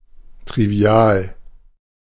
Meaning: trivial (common, easy, obvious)
- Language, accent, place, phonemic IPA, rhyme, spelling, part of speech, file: German, Germany, Berlin, /tʁiviˈaːl/, -aːl, trivial, adjective, De-trivial.ogg